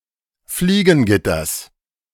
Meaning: genitive singular of Fliegengitter
- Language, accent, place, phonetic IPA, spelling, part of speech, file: German, Germany, Berlin, [ˈfliːɡn̩ˌɡɪtɐs], Fliegengitters, noun, De-Fliegengitters.ogg